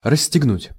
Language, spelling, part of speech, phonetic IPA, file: Russian, расстегнуть, verb, [rəsʲːtʲɪɡˈnutʲ], Ru-расстегнуть.ogg
- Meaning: to unbuckle, to unzip, to unbutton, to unfasten